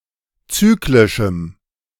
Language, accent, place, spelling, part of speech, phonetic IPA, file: German, Germany, Berlin, zyklischem, adjective, [ˈt͡syːklɪʃm̩], De-zyklischem.ogg
- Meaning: strong dative masculine/neuter singular of zyklisch